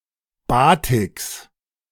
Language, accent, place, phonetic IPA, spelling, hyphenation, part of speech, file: German, Germany, Berlin, [ˈbaːtɪks], Batiks, Ba‧tiks, noun, De-Batiks.ogg
- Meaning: genitive singular of Batik